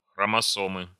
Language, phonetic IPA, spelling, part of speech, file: Russian, [xrəmɐˈsomɨ], хромосомы, noun, Ru-хромосомы.ogg
- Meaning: inflection of хромосо́ма (xromosóma): 1. genitive singular 2. nominative/accusative plural